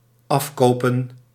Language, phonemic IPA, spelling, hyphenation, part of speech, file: Dutch, /ˈɑfkoːpə(n)/, afkopen, af‧ko‧pen, verb, Nl-afkopen.ogg
- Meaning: to buy off